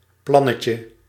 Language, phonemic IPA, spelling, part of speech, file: Dutch, /ˈplɑnəcə/, plannetje, noun, Nl-plannetje.ogg
- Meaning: diminutive of plan